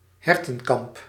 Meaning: enclosed pasture where deer are kept
- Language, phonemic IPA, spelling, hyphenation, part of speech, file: Dutch, /ˈɦɛr.tə(n)ˌkɑmp/, hertenkamp, her‧ten‧kamp, noun, Nl-hertenkamp.ogg